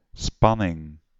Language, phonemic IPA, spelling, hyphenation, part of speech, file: Dutch, /ˈspɑ.nɪŋ/, spanning, span‧ning, noun, Nl-spanning.ogg
- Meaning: 1. tension, suspense 2. voltage